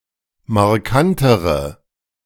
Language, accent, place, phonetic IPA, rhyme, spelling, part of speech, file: German, Germany, Berlin, [maʁˈkantəʁə], -antəʁə, markantere, adjective, De-markantere.ogg
- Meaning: inflection of markant: 1. strong/mixed nominative/accusative feminine singular comparative degree 2. strong nominative/accusative plural comparative degree